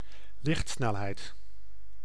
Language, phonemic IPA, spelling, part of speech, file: Dutch, /ˈlɪxtˌsnɛlɦɛi̯t/, lichtsnelheid, noun, Nl-lichtsnelheid.ogg
- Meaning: the speed of light